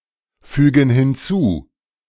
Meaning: inflection of hinzufügen: 1. first/third-person plural present 2. first/third-person plural subjunctive I
- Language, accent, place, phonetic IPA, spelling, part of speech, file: German, Germany, Berlin, [ˌfyːɡn̩ hɪnˈt͡suː], fügen hinzu, verb, De-fügen hinzu.ogg